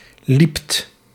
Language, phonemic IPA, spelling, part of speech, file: Dutch, /lipt/, liept, verb, Nl-liept.ogg
- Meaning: second-person (gij) singular past indicative of lopen